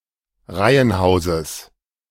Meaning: genitive singular of Reihenhaus
- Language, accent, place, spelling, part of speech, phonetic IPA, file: German, Germany, Berlin, Reihenhauses, noun, [ˈʁaɪ̯ənˌhaʊ̯zəs], De-Reihenhauses.ogg